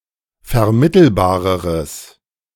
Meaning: strong/mixed nominative/accusative neuter singular comparative degree of vermittelbar
- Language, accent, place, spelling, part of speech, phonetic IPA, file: German, Germany, Berlin, vermittelbareres, adjective, [fɛɐ̯ˈmɪtl̩baːʁəʁəs], De-vermittelbareres.ogg